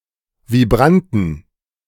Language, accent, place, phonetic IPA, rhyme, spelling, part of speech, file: German, Germany, Berlin, [viˈbʁantn̩], -antn̩, Vibranten, noun, De-Vibranten.ogg
- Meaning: plural of Vibrant